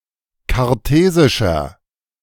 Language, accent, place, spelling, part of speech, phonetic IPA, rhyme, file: German, Germany, Berlin, kartesischer, adjective, [kaʁˈteːzɪʃɐ], -eːzɪʃɐ, De-kartesischer.ogg
- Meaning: inflection of kartesisch: 1. strong/mixed nominative masculine singular 2. strong genitive/dative feminine singular 3. strong genitive plural